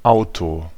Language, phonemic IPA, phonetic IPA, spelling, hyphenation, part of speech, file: German, /ˈaʊ̯to/, [ˈʔaʊ̯tʰoˑ], Auto, Au‧to, noun, De-Auto.ogg
- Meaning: car